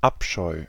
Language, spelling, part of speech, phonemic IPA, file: German, Abscheu, noun, /ˈʔapʃɔʏ̯/, De-Abscheu.ogg
- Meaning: abhorrence, abomination